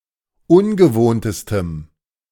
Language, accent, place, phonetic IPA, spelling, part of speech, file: German, Germany, Berlin, [ˈʊnɡəˌvoːntəstəm], ungewohntestem, adjective, De-ungewohntestem.ogg
- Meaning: strong dative masculine/neuter singular superlative degree of ungewohnt